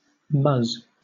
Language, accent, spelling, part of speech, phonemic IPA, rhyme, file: English, Southern England, muzz, verb, /mʌz/, -ʌz, LL-Q1860 (eng)-muzz.wav
- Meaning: 1. To study intently; to pore over 2. To hang around aimlessly; to loiter 3. To make muzzy or hazy; to confuse